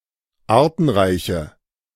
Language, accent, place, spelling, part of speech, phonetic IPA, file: German, Germany, Berlin, artenreiche, adjective, [ˈaːɐ̯tn̩ˌʁaɪ̯çə], De-artenreiche.ogg
- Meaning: inflection of artenreich: 1. strong/mixed nominative/accusative feminine singular 2. strong nominative/accusative plural 3. weak nominative all-gender singular